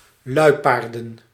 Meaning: plural of luipaard
- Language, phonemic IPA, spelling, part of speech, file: Dutch, /ˈlœypardə(n)/, luipaarden, noun, Nl-luipaarden.ogg